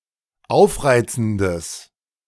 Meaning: strong/mixed nominative/accusative neuter singular of aufreizend
- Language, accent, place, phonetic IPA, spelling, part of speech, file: German, Germany, Berlin, [ˈaʊ̯fˌʁaɪ̯t͡sn̩dəs], aufreizendes, adjective, De-aufreizendes.ogg